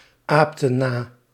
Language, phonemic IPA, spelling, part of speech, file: Dutch, /ˈaptə(n) ˈna/, aapten na, verb, Nl-aapten na.ogg
- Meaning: inflection of na-apen: 1. plural past indicative 2. plural past subjunctive